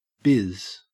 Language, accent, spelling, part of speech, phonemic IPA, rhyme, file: English, Australia, biz, noun, /bɪz/, -ɪz, En-au-biz.ogg
- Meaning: Business, especially showbusiness